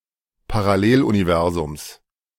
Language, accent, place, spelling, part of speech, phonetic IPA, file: German, Germany, Berlin, Paralleluniversums, noun, [paʁaˈleːlʔuniˌvɛʁzʊms], De-Paralleluniversums.ogg
- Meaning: genitive of Paralleluniversum